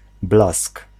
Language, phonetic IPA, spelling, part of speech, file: Polish, [blask], blask, noun, Pl-blask.ogg